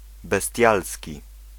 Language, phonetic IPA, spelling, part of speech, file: Polish, [bɛˈstʲjalsʲci], bestialski, adjective, Pl-bestialski.ogg